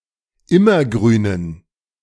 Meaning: inflection of immergrün: 1. strong genitive masculine/neuter singular 2. weak/mixed genitive/dative all-gender singular 3. strong/weak/mixed accusative masculine singular 4. strong dative plural
- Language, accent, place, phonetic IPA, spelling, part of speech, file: German, Germany, Berlin, [ˈɪmɐˌɡʁyːnən], immergrünen, adjective, De-immergrünen.ogg